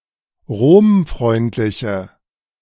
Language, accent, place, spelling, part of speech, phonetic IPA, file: German, Germany, Berlin, romfreundliche, adjective, [ˈʁoːmˌfʁɔɪ̯ntlɪçə], De-romfreundliche.ogg
- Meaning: inflection of romfreundlich: 1. strong/mixed nominative/accusative feminine singular 2. strong nominative/accusative plural 3. weak nominative all-gender singular